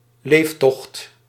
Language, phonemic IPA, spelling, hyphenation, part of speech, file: Dutch, /ˈleːf.tɔxt/, leeftocht, leef‧tocht, noun, Nl-leeftocht.ogg
- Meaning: 1. provisions, food supplies for a trip 2. victuals